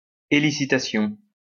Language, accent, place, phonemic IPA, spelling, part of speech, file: French, France, Lyon, /e.li.si.ta.sjɔ̃/, élicitation, noun, LL-Q150 (fra)-élicitation.wav
- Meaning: elicitation